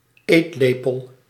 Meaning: 1. tablespoon (spoon, used for eating food) 2. tablespoon (unit of measure = 15 milliliters)
- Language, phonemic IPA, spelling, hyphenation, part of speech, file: Dutch, /ˈeːtˌleː.pəl/, eetlepel, eet‧le‧pel, noun, Nl-eetlepel.ogg